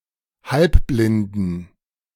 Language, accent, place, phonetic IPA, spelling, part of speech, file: German, Germany, Berlin, [ˈhalpblɪndən], halbblinden, adjective, De-halbblinden.ogg
- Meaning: inflection of halbblind: 1. strong genitive masculine/neuter singular 2. weak/mixed genitive/dative all-gender singular 3. strong/weak/mixed accusative masculine singular 4. strong dative plural